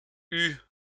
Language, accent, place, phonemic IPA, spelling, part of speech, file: French, France, Lyon, /y/, eues, verb, LL-Q150 (fra)-eues.wav
- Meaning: feminine plural of eu